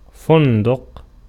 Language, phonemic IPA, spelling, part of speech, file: Arabic, /fun.duq/, فندق, noun, Ar-فندق.ogg
- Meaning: 1. inn, hotel 2. alternative form of بُنْدُق (bunduq)